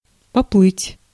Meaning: 1. to start swimming, to start floating 2. to start sailing 3. to hesitate or be unsure 4. to lose one's nerve
- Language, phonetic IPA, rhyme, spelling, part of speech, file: Russian, [pɐˈpɫɨtʲ], -ɨtʲ, поплыть, verb, Ru-поплыть.ogg